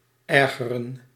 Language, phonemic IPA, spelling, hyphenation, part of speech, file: Dutch, /ˈɛrɣərə(n)/, ergeren, er‧ge‧ren, verb, Nl-ergeren.ogg
- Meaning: 1. to annoy, to irritate 2. to be annoyed, to be irritated